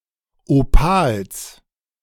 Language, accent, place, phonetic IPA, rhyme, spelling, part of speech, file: German, Germany, Berlin, [oˈpaːls], -aːls, Opals, noun, De-Opals.ogg
- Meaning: genitive singular of Opal